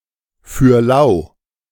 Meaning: for free
- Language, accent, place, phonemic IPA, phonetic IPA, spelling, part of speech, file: German, Germany, Berlin, /fyːr ˈlaʊ̯/, [fy(ː)ɐ̯ ˈlaʊ̯], für lau, adverb, De-für lau.ogg